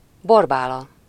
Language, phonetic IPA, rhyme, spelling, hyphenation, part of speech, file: Hungarian, [ˈborbaːlɒ], -lɒ, Borbála, Bor‧bá‧la, proper noun, Hu-Borbála.ogg
- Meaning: a female given name, equivalent to English Barbara